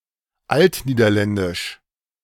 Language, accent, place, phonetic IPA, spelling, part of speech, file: German, Germany, Berlin, [ˈaltniːdɐˌlɛndɪʃ], altniederländisch, adjective, De-altniederländisch.ogg
- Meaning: Old Dutch